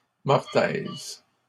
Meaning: mortise / mortice
- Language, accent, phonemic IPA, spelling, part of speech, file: French, Canada, /mɔʁ.tɛz/, mortaise, noun, LL-Q150 (fra)-mortaise.wav